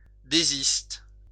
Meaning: inflection of désister: 1. first/third-person singular present indicative/subjunctive 2. second-person singular imperative
- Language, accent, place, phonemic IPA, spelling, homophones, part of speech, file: French, France, Lyon, /de.zist/, désiste, désistent / désistes, verb, LL-Q150 (fra)-désiste.wav